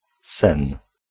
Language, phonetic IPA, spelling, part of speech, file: Polish, [sɛ̃n], sen, noun, Pl-sen.ogg